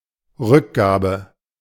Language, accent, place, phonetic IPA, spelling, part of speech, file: German, Germany, Berlin, [ˈʁʏkˌɡaːbə], Rückgabe, noun, De-Rückgabe.ogg
- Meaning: refund, return, restitution